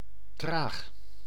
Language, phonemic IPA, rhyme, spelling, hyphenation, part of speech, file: Dutch, /traːx/, -aːx, traag, traag, adjective, Nl-traag.ogg
- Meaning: slow